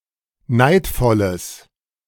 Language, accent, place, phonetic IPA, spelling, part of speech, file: German, Germany, Berlin, [ˈnaɪ̯tfɔləs], neidvolles, adjective, De-neidvolles.ogg
- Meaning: strong/mixed nominative/accusative neuter singular of neidvoll